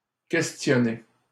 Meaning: 1. to question, interrogate 2. to call into question 3. to question, ask (someone) 4. to inquire, ask (about)
- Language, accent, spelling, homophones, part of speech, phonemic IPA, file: French, Canada, questionner, questionné / questionnées / questionnés, verb, /kɛs.tjɔ.ne/, LL-Q150 (fra)-questionner.wav